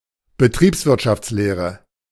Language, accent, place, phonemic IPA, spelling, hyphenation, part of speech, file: German, Germany, Berlin, /bəˈtʁiːpsvɪʁtʃaft͡sleːʁə/, Betriebswirtschaftslehre, Be‧triebs‧wirt‧schafts‧leh‧re, noun, De-Betriebswirtschaftslehre.ogg
- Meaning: business administration